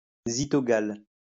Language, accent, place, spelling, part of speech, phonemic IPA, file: French, France, Lyon, zythogale, noun, /zi.tɔ.ɡal/, LL-Q150 (fra)-zythogale.wav
- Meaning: a drink composed of milk and beer